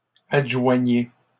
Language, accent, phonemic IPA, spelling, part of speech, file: French, Canada, /ad.ʒwa.ɲe/, adjoignez, verb, LL-Q150 (fra)-adjoignez.wav
- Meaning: inflection of adjoindre: 1. second-person plural present indicative 2. second-person plural imperative